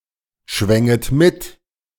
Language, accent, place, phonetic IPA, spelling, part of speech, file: German, Germany, Berlin, [ˌʃvɛŋət ˈmɪt], schwänget mit, verb, De-schwänget mit.ogg
- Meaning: second-person plural subjunctive II of mitschwingen